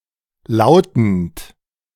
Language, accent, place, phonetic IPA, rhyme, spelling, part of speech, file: German, Germany, Berlin, [ˈlaʊ̯tn̩t], -aʊ̯tn̩t, lautend, verb, De-lautend.ogg
- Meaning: present participle of lauten